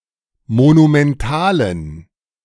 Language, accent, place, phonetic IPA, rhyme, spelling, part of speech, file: German, Germany, Berlin, [monumɛnˈtaːlən], -aːlən, monumentalen, adjective, De-monumentalen.ogg
- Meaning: inflection of monumental: 1. strong genitive masculine/neuter singular 2. weak/mixed genitive/dative all-gender singular 3. strong/weak/mixed accusative masculine singular 4. strong dative plural